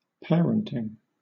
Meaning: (noun) The process of raising and educating a child from birth until adulthood; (verb) present participle and gerund of parent
- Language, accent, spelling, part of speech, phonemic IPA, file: English, Southern England, parenting, noun / verb, /ˈpɛəɹəntɪŋ/, LL-Q1860 (eng)-parenting.wav